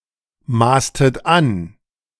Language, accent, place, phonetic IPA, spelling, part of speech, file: German, Germany, Berlin, [ˌmaːstət ˈan], maßtet an, verb, De-maßtet an.ogg
- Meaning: inflection of anmaßen: 1. second-person plural preterite 2. second-person plural subjunctive II